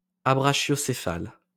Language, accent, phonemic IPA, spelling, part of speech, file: French, France, /a.bʁa.ʃjɔ.se.fal/, abrachiocéphale, adjective, LL-Q150 (fra)-abrachiocéphale.wav
- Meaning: abrachiocephalic, abrachiocephalous